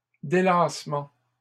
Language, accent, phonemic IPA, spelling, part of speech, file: French, Canada, /de.las.mɑ̃/, délassements, noun, LL-Q150 (fra)-délassements.wav
- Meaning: plural of délassement